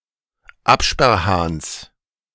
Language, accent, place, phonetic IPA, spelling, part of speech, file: German, Germany, Berlin, [ˈapʃpɛʁˌhaːns], Absperrhahns, noun, De-Absperrhahns.ogg
- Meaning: genitive singular of Absperrhahn